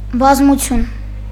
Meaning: 1. public, crowd, multitude, throng 2. great number, large quantity, multitude, host, swarm 3. set
- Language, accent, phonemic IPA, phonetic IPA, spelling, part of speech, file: Armenian, Eastern Armenian, /bɑzmuˈtʰjun/, [bɑzmut͡sʰjún], բազմություն, noun, Hy-բազմություն.ogg